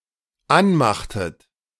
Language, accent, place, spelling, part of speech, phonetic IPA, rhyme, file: German, Germany, Berlin, anmachtet, verb, [ˈanˌmaxtət], -anmaxtət, De-anmachtet.ogg
- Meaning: inflection of anmachen: 1. second-person plural dependent preterite 2. second-person plural dependent subjunctive II